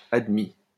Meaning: half
- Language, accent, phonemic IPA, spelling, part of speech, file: French, France, /a d(ə).mi/, à demi, adverb, LL-Q150 (fra)-à demi.wav